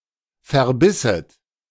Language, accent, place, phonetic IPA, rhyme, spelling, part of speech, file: German, Germany, Berlin, [fɛɐ̯ˈbɪsət], -ɪsət, verbisset, verb, De-verbisset.ogg
- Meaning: second-person plural subjunctive II of verbeißen